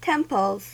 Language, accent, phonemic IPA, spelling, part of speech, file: English, US, /ˈtɛmpl̩z/, temples, noun / verb, En-us-temples.ogg
- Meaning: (noun) plural of temple; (verb) third-person singular simple present indicative of temple